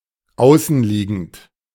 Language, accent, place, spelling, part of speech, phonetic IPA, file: German, Germany, Berlin, außenliegend, adjective, [ˈaʊ̯sn̩ˌliːɡn̩t], De-außenliegend.ogg
- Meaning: behind a border, outside, external